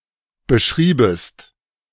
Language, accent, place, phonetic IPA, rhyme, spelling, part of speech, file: German, Germany, Berlin, [bəˈʃʁiːbəst], -iːbəst, beschriebest, verb, De-beschriebest.ogg
- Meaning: second-person singular subjunctive II of beschreiben